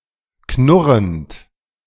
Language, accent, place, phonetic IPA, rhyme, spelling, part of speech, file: German, Germany, Berlin, [ˈknʊʁənt], -ʊʁənt, knurrend, verb, De-knurrend.ogg
- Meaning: present participle of knurren